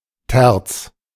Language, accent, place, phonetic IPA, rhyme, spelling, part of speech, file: German, Germany, Berlin, [tɛʁt͡s], -ɛʁt͡s, Terz, noun, De-Terz.ogg
- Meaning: 1. A third; an interval of 3 (minor third) or 4 (major third) semitones 2. terce (prayer at the third hour of daylight)